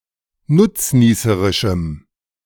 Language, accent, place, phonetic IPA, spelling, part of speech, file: German, Germany, Berlin, [ˈnʊt͡sˌniːsəʁɪʃm̩], nutznießerischem, adjective, De-nutznießerischem.ogg
- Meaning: strong dative masculine/neuter singular of nutznießerisch